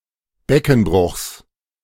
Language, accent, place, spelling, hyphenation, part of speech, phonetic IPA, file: German, Germany, Berlin, Beckenbruchs, Be‧cken‧bruchs, noun, [ˈbɛkn̩ˌbʁʊxs], De-Beckenbruchs.ogg
- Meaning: genitive singular of Beckenbruch